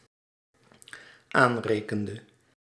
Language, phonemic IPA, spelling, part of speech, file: Dutch, /ˈanrekəndə/, aanrekende, verb, Nl-aanrekende.ogg
- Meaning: inflection of aanrekenen: 1. singular dependent-clause past indicative 2. singular dependent-clause past subjunctive